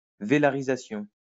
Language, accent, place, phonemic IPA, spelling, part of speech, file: French, France, Lyon, /ve.la.ʁi.za.sjɔ̃/, vélarisation, noun, LL-Q150 (fra)-vélarisation.wav
- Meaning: velarization